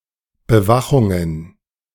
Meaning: plural of Bewachung
- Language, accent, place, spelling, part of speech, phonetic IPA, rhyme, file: German, Germany, Berlin, Bewachungen, noun, [bəˈvaxʊŋən], -axʊŋən, De-Bewachungen.ogg